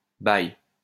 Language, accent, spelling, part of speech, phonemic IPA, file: French, France, bye, interjection, /baj/, LL-Q150 (fra)-bye.wav
- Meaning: bye